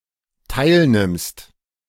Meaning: second-person singular dependent present of teilnehmen
- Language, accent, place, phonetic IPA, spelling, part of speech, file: German, Germany, Berlin, [ˈtaɪ̯lˌnɪmst], teilnimmst, verb, De-teilnimmst.ogg